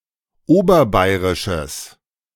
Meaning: strong/mixed nominative/accusative neuter singular of oberbayerisch
- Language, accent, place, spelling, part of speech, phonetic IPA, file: German, Germany, Berlin, oberbayerisches, adjective, [ˈoːbɐˌbaɪ̯ʁɪʃəs], De-oberbayerisches.ogg